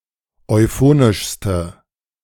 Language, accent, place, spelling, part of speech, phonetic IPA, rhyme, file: German, Germany, Berlin, euphonischste, adjective, [ɔɪ̯ˈfoːnɪʃstə], -oːnɪʃstə, De-euphonischste.ogg
- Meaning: inflection of euphonisch: 1. strong/mixed nominative/accusative feminine singular superlative degree 2. strong nominative/accusative plural superlative degree